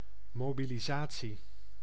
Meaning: mobilisation (UK), mobilization (US)
- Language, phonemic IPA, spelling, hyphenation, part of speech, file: Dutch, /ˌmoː.bi.liˈzaː.(t)si/, mobilisatie, mo‧bi‧li‧sa‧tie, noun, Nl-mobilisatie.ogg